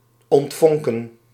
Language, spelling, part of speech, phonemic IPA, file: Dutch, ontvonken, verb, /ɔntˈvɔŋkə(n)/, Nl-ontvonken.ogg
- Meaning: 1. to ignite, begin to burn 2. begin to spark